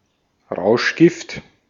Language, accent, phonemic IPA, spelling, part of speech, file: German, Austria, /ˈʁaʊ̯ʃˌɡɪft/, Rauschgift, noun, De-at-Rauschgift.ogg
- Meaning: drug, narcotic, junk (psychoactive substance, especially one which is illegal)